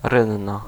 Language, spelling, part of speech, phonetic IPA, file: Polish, rynna, noun, [ˈrɨ̃nːa], Pl-rynna.ogg